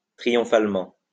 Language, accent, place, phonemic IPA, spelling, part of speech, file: French, France, Lyon, /tʁi.jɔ̃.fal.mɑ̃/, triomphalement, adverb, LL-Q150 (fra)-triomphalement.wav
- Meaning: triumphantly